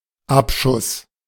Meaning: 1. launch 2. firing 3. shootdown 4. steep slope
- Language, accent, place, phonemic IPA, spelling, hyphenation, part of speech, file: German, Germany, Berlin, /ˈapˌʃʊs/, Abschuss, Ab‧schuss, noun, De-Abschuss.ogg